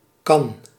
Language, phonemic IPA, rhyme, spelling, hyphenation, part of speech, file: Dutch, /kɑn/, -ɑn, kan, kan, noun / verb, Nl-kan.ogg
- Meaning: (noun) 1. jug 2. pot (for tea, coffee, etc.) 3. can (cylindrical vessel) 4. khan (Turkish or Mongol ruler); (verb) inflection of kunnen: first/second/third-person singular present indicative